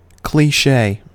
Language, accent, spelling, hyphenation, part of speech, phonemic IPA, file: English, US, cliché, cli‧ché, noun / adjective / verb, /kliˈʃeɪ/, En-us-cliché.ogg
- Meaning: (noun) Something, most often a phrase or expression, that is overused or used outside its original context, so that its original impact and meaning are lost. A trite saying; a platitude